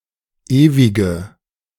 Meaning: inflection of ewig: 1. strong/mixed nominative/accusative feminine singular 2. strong nominative/accusative plural 3. weak nominative all-gender singular 4. weak accusative feminine/neuter singular
- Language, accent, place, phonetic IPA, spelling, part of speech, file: German, Germany, Berlin, [ˈeːvɪɡə], ewige, adjective, De-ewige.ogg